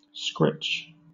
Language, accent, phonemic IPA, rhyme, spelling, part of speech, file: English, Southern England, /skɹɪt͡ʃ/, -ɪtʃ, scritch, noun / verb, LL-Q1860 (eng)-scritch.wav
- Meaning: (noun) 1. a screech 2. A thrush; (verb) To screech